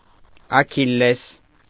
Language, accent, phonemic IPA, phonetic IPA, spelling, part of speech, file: Armenian, Eastern Armenian, /ɑkʰilˈles/, [ɑkʰilːés], Աքիլլես, proper noun, Hy-Աքիլլես.ogg
- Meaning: Achilles